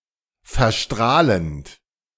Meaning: present participle of verstrahlen
- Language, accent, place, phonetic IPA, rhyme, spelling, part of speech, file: German, Germany, Berlin, [fɛɐ̯ˈʃtʁaːlənt], -aːlənt, verstrahlend, verb, De-verstrahlend.ogg